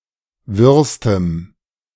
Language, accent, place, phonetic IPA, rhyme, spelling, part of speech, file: German, Germany, Berlin, [ˈvɪʁstəm], -ɪʁstəm, wirrstem, adjective, De-wirrstem.ogg
- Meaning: strong dative masculine/neuter singular superlative degree of wirr